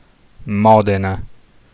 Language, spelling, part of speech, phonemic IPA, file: Italian, Modena, proper noun, /ˈmɔdena/, It-Modena.ogg